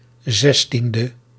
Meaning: abbreviation of zestiende (“sixteenth”); 16th
- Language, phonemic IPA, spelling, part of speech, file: Dutch, /ˈzɛstində/, 16e, adjective, Nl-16e.ogg